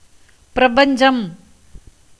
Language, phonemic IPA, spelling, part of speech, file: Tamil, /pɪɾɐbɐɲdʒɐm/, பிரபஞ்சம், noun, Ta-பிரபஞ்சம்.ogg
- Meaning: the universe, cosmos